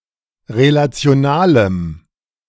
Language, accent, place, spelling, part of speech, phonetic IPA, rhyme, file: German, Germany, Berlin, relationalem, adjective, [ʁelat͡si̯oˈnaːləm], -aːləm, De-relationalem.ogg
- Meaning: strong dative masculine/neuter singular of relational